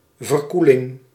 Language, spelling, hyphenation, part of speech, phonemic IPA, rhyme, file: Dutch, verkoeling, ver‧koe‧ling, noun, /vərˈku.lɪŋ/, -ulɪŋ, Nl-verkoeling.ogg
- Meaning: 1. cooling, coolness 2. a cool drink